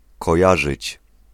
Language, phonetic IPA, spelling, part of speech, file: Polish, [kɔˈjaʒɨt͡ɕ], kojarzyć, verb, Pl-kojarzyć.ogg